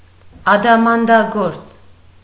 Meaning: diamond cutter, diamond maker
- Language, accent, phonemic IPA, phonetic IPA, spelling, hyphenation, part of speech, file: Armenian, Eastern Armenian, /ɑdɑmɑndɑˈɡoɾt͡s/, [ɑdɑmɑndɑɡóɾt͡s], ադամանդագործ, ա‧դա‧ման‧դա‧գործ, noun, Hy-ադամանդագործ.ogg